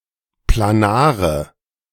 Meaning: inflection of planar: 1. strong/mixed nominative/accusative feminine singular 2. strong nominative/accusative plural 3. weak nominative all-gender singular 4. weak accusative feminine/neuter singular
- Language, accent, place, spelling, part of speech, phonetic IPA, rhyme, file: German, Germany, Berlin, planare, adjective, [plaˈnaːʁə], -aːʁə, De-planare.ogg